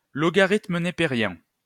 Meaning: natural logarithm, Napierian logarithm
- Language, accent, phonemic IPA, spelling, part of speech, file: French, France, /lɔ.ɡa.ʁit.mə ne.pe.ʁjɛ̃/, logarithme népérien, noun, LL-Q150 (fra)-logarithme népérien.wav